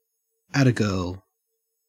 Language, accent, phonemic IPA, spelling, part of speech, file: English, Australia, /ˈætəˌɡɜː(ɹ)l/, attagirl, interjection / noun, En-au-attagirl.ogg
- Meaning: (interjection) Used to show encouragement or approval to a girl, woman, or female animal; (noun) A cry of encouragement; an accolade